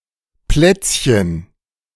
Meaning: 1. diminutive of Platz 2. cookie (US), biscuit (UK)
- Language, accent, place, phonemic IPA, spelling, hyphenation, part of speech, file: German, Germany, Berlin, /plɛt͡s.çən/, Plätzchen, Plätz‧chen, noun, De-Plätzchen.ogg